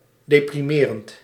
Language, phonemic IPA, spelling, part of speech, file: Dutch, /depriˈmerənt/, deprimerend, verb / adjective, Nl-deprimerend.ogg
- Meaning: present participle of deprimeren